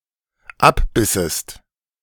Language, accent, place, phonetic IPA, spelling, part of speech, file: German, Germany, Berlin, [ˈapˌbɪsəst], abbissest, verb, De-abbissest.ogg
- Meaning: second-person singular dependent subjunctive II of abbeißen